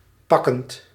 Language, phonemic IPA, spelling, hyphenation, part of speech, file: Dutch, /ˈpɑ.kənt/, pakkend, pak‧kend, verb / adjective, Nl-pakkend.ogg
- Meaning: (verb) present participle of pakken; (adjective) 1. touching 2. fascinating, interesting 3. exciting